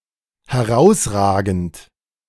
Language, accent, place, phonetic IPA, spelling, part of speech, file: German, Germany, Berlin, [hɛˈʁaʊ̯sˌʁaːɡn̩t], herausragend, adjective / verb, De-herausragend.ogg
- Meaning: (verb) present participle of herausragen; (adjective) 1. outstanding 2. prominent, jutting